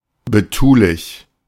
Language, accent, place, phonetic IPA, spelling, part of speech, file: German, Germany, Berlin, [bəˈtuːlɪç], betulich, adjective, De-betulich.ogg
- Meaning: 1. fussy, (excessively) caring 2. leisurely, sedate